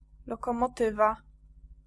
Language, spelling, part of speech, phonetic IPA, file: Polish, lokomotywa, noun, [ˌlɔkɔ̃mɔˈtɨva], Pl-lokomotywa.ogg